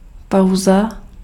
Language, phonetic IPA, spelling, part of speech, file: Czech, [ˈpau̯za], pauza, noun, Cs-pauza.ogg
- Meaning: 1. break, pause 2. rest